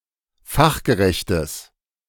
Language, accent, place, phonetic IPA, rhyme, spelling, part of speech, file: German, Germany, Berlin, [ˈfaxɡəˌʁɛçtəs], -axɡəʁɛçtəs, fachgerechtes, adjective, De-fachgerechtes.ogg
- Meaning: strong/mixed nominative/accusative neuter singular of fachgerecht